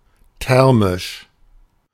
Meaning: thermal, thermic
- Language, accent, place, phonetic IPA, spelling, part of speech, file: German, Germany, Berlin, [ˈtɛʁmɪʃ], thermisch, adjective, De-thermisch.ogg